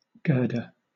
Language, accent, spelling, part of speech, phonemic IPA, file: English, Southern England, girder, noun, /ˈɡɜːdə(ɹ)/, LL-Q1860 (eng)-girder.wav
- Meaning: 1. A beam of steel, wood, or reinforced concrete, used as a main horizontal support in a building or structure 2. One who girds; a satirist